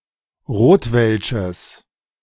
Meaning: strong/mixed nominative/accusative neuter singular of rotwelsch
- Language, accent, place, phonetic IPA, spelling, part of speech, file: German, Germany, Berlin, [ˈʁoːtvɛlʃəs], rotwelsches, adjective, De-rotwelsches.ogg